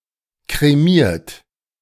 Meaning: 1. past participle of kremieren 2. inflection of kremieren: third-person singular present 3. inflection of kremieren: second-person plural present 4. inflection of kremieren: plural imperative
- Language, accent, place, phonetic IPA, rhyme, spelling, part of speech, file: German, Germany, Berlin, [kʁeˈmiːɐ̯t], -iːɐ̯t, kremiert, verb, De-kremiert.ogg